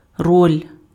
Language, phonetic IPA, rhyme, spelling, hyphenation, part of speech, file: Ukrainian, [rɔlʲ], -ɔlʲ, роль, роль, noun, Uk-роль.ogg
- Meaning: role, part